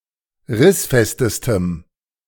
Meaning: strong dative masculine/neuter singular superlative degree of rissfest
- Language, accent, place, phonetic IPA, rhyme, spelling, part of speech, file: German, Germany, Berlin, [ˈʁɪsˌfɛstəstəm], -ɪsfɛstəstəm, rissfestestem, adjective, De-rissfestestem.ogg